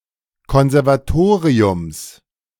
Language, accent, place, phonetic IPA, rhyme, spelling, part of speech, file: German, Germany, Berlin, [ˌkɔnzɛʁvaˈtoːʁiʊms], -oːʁiʊms, Konservatoriums, noun, De-Konservatoriums.ogg
- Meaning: genitive singular of Konservatorium